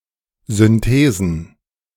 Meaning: plural of Synthese
- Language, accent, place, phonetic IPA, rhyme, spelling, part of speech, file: German, Germany, Berlin, [zʏnˈteːzn̩], -eːzn̩, Synthesen, noun, De-Synthesen.ogg